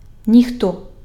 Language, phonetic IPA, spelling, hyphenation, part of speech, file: Ukrainian, [nʲixˈtɔ], ніхто, ні‧хто, pronoun, Uk-ніхто.ogg
- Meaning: 1. nobody, no one 2. anybody, anyone